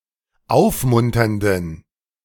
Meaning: inflection of aufmunternd: 1. strong genitive masculine/neuter singular 2. weak/mixed genitive/dative all-gender singular 3. strong/weak/mixed accusative masculine singular 4. strong dative plural
- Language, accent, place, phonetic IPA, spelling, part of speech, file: German, Germany, Berlin, [ˈaʊ̯fˌmʊntɐndn̩], aufmunternden, adjective, De-aufmunternden.ogg